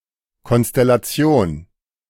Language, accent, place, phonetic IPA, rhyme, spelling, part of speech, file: German, Germany, Berlin, [ˌkɔnstɛlaˈt͡si̯oːn], -oːn, Konstellation, noun, De-Konstellation.ogg
- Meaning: constellation